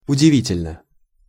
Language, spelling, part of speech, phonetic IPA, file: Russian, удивительно, adverb / adjective, [ʊdʲɪˈvʲitʲɪlʲnə], Ru-удивительно.ogg
- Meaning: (adverb) 1. extremely 2. astonishingly, surprisingly; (adjective) short neuter singular of удиви́тельный (udivítelʹnyj)